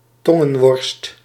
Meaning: blood tongue
- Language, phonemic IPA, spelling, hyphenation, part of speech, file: Dutch, /ˈtɔ.ŋə(n)ˌʋɔrst/, tongenworst, ton‧gen‧worst, noun, Nl-tongenworst.ogg